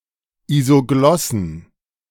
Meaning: plural of Isoglosse
- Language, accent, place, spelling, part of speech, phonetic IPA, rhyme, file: German, Germany, Berlin, Isoglossen, noun, [izoˈɡlɔsn̩], -ɔsn̩, De-Isoglossen.ogg